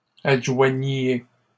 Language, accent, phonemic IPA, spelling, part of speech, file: French, Canada, /ad.ʒwa.ɲje/, adjoigniez, verb, LL-Q150 (fra)-adjoigniez.wav
- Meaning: inflection of adjoindre: 1. second-person plural imperfect indicative 2. second-person plural present subjunctive